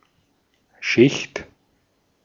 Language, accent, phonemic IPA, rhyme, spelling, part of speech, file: German, Austria, /ʃɪçt/, -ɪçt, Schicht, noun, De-at-Schicht.ogg
- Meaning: 1. layer, stratum, seam 2. sheet, ply, coat (e.g. of paint) 3. class, stratum, group of people with a certain social status 4. shift (day's work period, the group of people who work a certain shift)